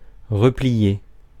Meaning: 1. to fold; fold up 2. to refold; to fold again 3. to curl up, roll up 4. to withdraw, retreat, fall back
- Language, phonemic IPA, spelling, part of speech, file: French, /ʁə.pli.je/, replier, verb, Fr-replier.ogg